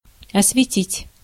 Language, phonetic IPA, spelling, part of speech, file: Russian, [ɐsvʲɪˈtʲitʲ], осветить, verb, Ru-осветить.ogg
- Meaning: 1. to light, to light up, to illuminate 2. to elucidate, to illustrate, to throw light (upon), to shed light on